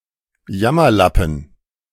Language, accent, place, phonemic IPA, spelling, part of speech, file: German, Germany, Berlin, /ˈjamɐlapn̩/, Jammerlappen, noun, De-Jammerlappen.ogg
- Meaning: sissy (timid, cowardly person)